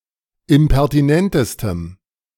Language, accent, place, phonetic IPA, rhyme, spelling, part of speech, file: German, Germany, Berlin, [ɪmpɛʁtiˈnɛntəstəm], -ɛntəstəm, impertinentestem, adjective, De-impertinentestem.ogg
- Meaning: strong dative masculine/neuter singular superlative degree of impertinent